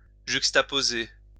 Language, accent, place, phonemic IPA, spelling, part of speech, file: French, France, Lyon, /ʒyk.sta.po.ze/, juxtaposer, verb, LL-Q150 (fra)-juxtaposer.wav
- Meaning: to juxtapose